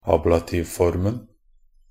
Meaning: definite masculine singular of ablativform
- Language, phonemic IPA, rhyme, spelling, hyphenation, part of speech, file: Norwegian Bokmål, /ˈɑːblatiːʋfɔrmn̩/, -ɔrmn̩, ablativformen, ab‧la‧tiv‧form‧en, noun, Nb-ablativformen.ogg